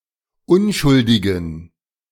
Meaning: inflection of unschuldig: 1. strong genitive masculine/neuter singular 2. weak/mixed genitive/dative all-gender singular 3. strong/weak/mixed accusative masculine singular 4. strong dative plural
- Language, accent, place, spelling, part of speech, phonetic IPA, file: German, Germany, Berlin, unschuldigen, adjective, [ˈʊnʃʊldɪɡn̩], De-unschuldigen.ogg